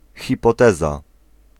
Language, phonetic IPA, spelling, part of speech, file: Polish, [ˌxʲipɔˈtɛza], hipoteza, noun, Pl-hipoteza.ogg